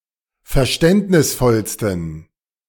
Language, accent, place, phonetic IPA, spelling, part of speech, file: German, Germany, Berlin, [fɛɐ̯ˈʃtɛntnɪsfɔlstn̩], verständnisvollsten, adjective, De-verständnisvollsten.ogg
- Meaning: 1. superlative degree of verständnisvoll 2. inflection of verständnisvoll: strong genitive masculine/neuter singular superlative degree